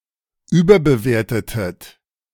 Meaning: inflection of überbewerten: 1. second-person plural preterite 2. second-person plural subjunctive II
- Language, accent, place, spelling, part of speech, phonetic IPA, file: German, Germany, Berlin, überbewertetet, verb, [ˈyːbɐbəˌveːɐ̯tətət], De-überbewertetet.ogg